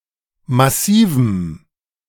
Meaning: strong dative masculine/neuter singular of massiv
- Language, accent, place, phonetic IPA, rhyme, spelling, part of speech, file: German, Germany, Berlin, [maˈsiːvm̩], -iːvm̩, massivem, adjective, De-massivem.ogg